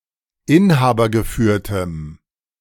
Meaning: strong dative masculine/neuter singular of inhabergeführt
- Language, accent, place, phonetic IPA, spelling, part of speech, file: German, Germany, Berlin, [ˈɪnhaːbɐɡəˌfyːɐ̯tm̩], inhabergeführtem, adjective, De-inhabergeführtem.ogg